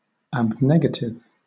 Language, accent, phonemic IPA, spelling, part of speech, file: English, Southern England, /æbˈnɛɡətɪv/, abnegative, adjective, LL-Q1860 (eng)-abnegative.wav
- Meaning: Denying; renouncing; negative